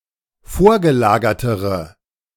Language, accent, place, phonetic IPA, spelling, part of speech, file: German, Germany, Berlin, [ˈfoːɐ̯ɡəˌlaːɡɐtəʁə], vorgelagertere, adjective, De-vorgelagertere.ogg
- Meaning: inflection of vorgelagert: 1. strong/mixed nominative/accusative feminine singular comparative degree 2. strong nominative/accusative plural comparative degree